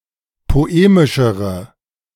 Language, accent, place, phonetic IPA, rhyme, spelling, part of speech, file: German, Germany, Berlin, [poˈeːmɪʃəʁə], -eːmɪʃəʁə, poemischere, adjective, De-poemischere.ogg
- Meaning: inflection of poemisch: 1. strong/mixed nominative/accusative feminine singular comparative degree 2. strong nominative/accusative plural comparative degree